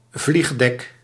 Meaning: flight deck, e.g. of an aircraft carrier
- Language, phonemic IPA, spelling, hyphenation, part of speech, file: Dutch, /ˈvliɣ.dɛk/, vliegdek, vlieg‧dek, noun, Nl-vliegdek.ogg